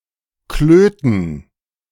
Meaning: testicles
- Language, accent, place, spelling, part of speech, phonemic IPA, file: German, Germany, Berlin, Klöten, noun, /ˈkløːtən/, De-Klöten.ogg